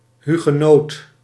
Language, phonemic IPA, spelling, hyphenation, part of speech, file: Dutch, /ɦy.ɣə.noːt/, hugenoot, hu‧ge‧noot, noun, Nl-hugenoot.ogg
- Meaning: Huguenot, French Reformed Protestant during the 16th, 17th and 18th centuries